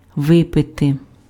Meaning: to drink, to drink up
- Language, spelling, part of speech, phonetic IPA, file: Ukrainian, випити, verb, [ˈʋɪpete], Uk-випити.ogg